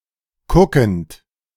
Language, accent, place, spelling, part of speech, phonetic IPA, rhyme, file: German, Germany, Berlin, kuckend, verb, [ˈkʊkn̩t], -ʊkn̩t, De-kuckend.ogg
- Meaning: present participle of kucken